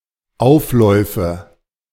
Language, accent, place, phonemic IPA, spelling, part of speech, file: German, Germany, Berlin, /ˈʔaʊ̯fˌlɔɪ̯fə/, Aufläufe, noun, De-Aufläufe.ogg
- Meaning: nominative/accusative/genitive plural of Auflauf